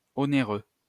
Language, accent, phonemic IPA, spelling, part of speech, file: French, France, /ɔ.ne.ʁø/, onéreux, adjective, LL-Q150 (fra)-onéreux.wav
- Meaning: 1. onerous 2. expensive